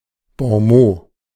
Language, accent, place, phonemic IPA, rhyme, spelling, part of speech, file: German, Germany, Berlin, /bɔ̃ˈmoː/, -oː, Bonmot, noun, De-Bonmot.ogg
- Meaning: witticism; a witty (i.e. clever and funny) saying; bon mot (but not implying a riposte)